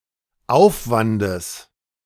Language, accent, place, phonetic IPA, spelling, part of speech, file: German, Germany, Berlin, [ˈaʊ̯fvandəs], Aufwandes, noun, De-Aufwandes.ogg
- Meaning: genitive singular of Aufwand